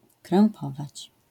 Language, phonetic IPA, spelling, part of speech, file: Polish, [krɛ̃mˈpɔvat͡ɕ], krępować, verb, LL-Q809 (pol)-krępować.wav